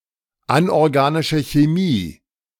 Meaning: inorganic chemistry
- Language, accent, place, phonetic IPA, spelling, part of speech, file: German, Germany, Berlin, [ˌanʔɔʁɡaːnɪʃə çeˈmiː], anorganische Chemie, phrase, De-anorganische Chemie.ogg